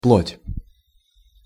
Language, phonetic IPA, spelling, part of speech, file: Russian, [pɫotʲ], плоть, noun, Ru-плоть.ogg
- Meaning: 1. flesh 2. foreskin